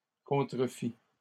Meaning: third-person singular imperfect subjunctive of contrefaire
- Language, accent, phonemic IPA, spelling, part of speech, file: French, Canada, /kɔ̃.tʁə.fi/, contrefît, verb, LL-Q150 (fra)-contrefît.wav